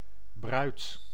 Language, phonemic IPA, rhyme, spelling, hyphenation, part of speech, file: Dutch, /brœy̯t/, -œy̯t, bruid, bruid, noun, Nl-bruid.ogg
- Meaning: bride